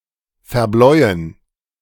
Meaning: to beat up
- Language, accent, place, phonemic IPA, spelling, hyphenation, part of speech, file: German, Germany, Berlin, /fɛɐ̯ˈblɔɪ̯ən/, verbläuen, ver‧bläu‧en, verb, De-verbläuen.ogg